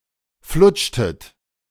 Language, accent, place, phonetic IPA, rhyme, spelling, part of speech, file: German, Germany, Berlin, [ˈflʊt͡ʃtət], -ʊt͡ʃtət, flutschtet, verb, De-flutschtet.ogg
- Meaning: inflection of flutschen: 1. second-person plural preterite 2. second-person plural subjunctive II